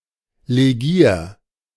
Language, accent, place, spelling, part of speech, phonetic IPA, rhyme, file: German, Germany, Berlin, legier, verb, [leˈɡiːɐ̯], -iːɐ̯, De-legier.ogg
- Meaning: 1. singular imperative of legieren 2. first-person singular present of legieren